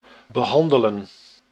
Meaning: 1. to handle, to treat 2. to treat (medically) 3. to deal with, address or discuss as a subject
- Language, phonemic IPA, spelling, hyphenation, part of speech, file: Dutch, /bəˈɦɑndələ(n)/, behandelen, be‧han‧de‧len, verb, Nl-behandelen.ogg